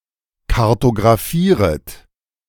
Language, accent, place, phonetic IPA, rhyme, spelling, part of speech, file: German, Germany, Berlin, [kaʁtoɡʁaˈfiːʁət], -iːʁət, kartografieret, verb, De-kartografieret.ogg
- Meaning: second-person plural subjunctive I of kartografieren